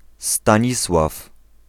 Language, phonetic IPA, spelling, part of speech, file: Polish, [stãˈɲiswaf], Stanisław, proper noun / noun, Pl-Stanisław.ogg